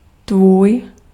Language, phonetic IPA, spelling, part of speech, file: Czech, [ˈtvuːj], tvůj, pronoun, Cs-tvůj.ogg
- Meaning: your, yours, thy, thine (2nd-person familiar, singular only)